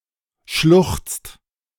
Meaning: inflection of schluchzen: 1. second/third-person singular present 2. second-person plural present 3. plural imperative
- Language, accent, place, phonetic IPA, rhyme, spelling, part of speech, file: German, Germany, Berlin, [ʃlʊxt͡st], -ʊxt͡st, schluchzt, verb, De-schluchzt.ogg